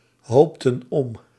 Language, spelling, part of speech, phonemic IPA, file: Dutch, hoopten op, verb, /ˈhoptə(n) ˈɔp/, Nl-hoopten op.ogg
- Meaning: inflection of ophopen: 1. plural past indicative 2. plural past subjunctive